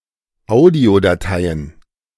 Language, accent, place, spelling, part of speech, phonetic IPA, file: German, Germany, Berlin, Audiodateien, noun, [ˈaʊ̯di̯odaˌtaɪ̯ən], De-Audiodateien.ogg
- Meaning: plural of Audiodatei